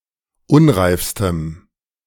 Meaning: strong dative masculine/neuter singular superlative degree of unreif
- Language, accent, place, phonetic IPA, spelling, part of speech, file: German, Germany, Berlin, [ˈʊnʁaɪ̯fstəm], unreifstem, adjective, De-unreifstem.ogg